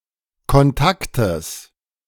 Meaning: genitive singular of Kontakt
- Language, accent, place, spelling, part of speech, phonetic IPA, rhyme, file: German, Germany, Berlin, Kontaktes, noun, [kɔnˈtaktəs], -aktəs, De-Kontaktes.ogg